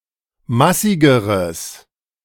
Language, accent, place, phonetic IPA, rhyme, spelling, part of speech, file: German, Germany, Berlin, [ˈmasɪɡəʁəs], -asɪɡəʁəs, massigeres, adjective, De-massigeres.ogg
- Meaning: strong/mixed nominative/accusative neuter singular comparative degree of massig